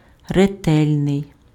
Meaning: diligent, assiduous, painstaking, meticulous, careful
- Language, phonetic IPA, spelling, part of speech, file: Ukrainian, [reˈtɛlʲnei̯], ретельний, adjective, Uk-ретельний.ogg